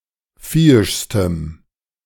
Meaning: strong dative masculine/neuter singular superlative degree of viehisch
- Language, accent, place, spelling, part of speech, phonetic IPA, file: German, Germany, Berlin, viehischstem, adjective, [ˈfiːɪʃstəm], De-viehischstem.ogg